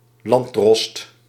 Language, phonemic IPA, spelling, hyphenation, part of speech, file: Dutch, /ˈlɑn(t).drɔst/, landdrost, land‧drost, noun, Nl-landdrost.ogg
- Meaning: 1. an official and magistrate in rural jurisdictions during the Ancien Régime 2. a magistrate in the Cape Colony 3. the head of an unincorporated area in the Netherlands